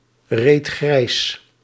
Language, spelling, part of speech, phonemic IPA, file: Dutch, reed grijs, verb, /ˈret ˈɣrɛis/, Nl-reed grijs.ogg
- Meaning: singular past indicative of grijsrijden